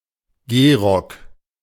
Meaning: frock coat
- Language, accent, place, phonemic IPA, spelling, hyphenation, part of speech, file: German, Germany, Berlin, /ˈɡeːˌʁɔk/, Gehrock, Geh‧rock, noun, De-Gehrock.ogg